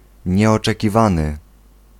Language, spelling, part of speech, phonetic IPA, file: Polish, nieoczekiwany, adjective, [ˌɲɛɔt͡ʃɛciˈvãnɨ], Pl-nieoczekiwany.ogg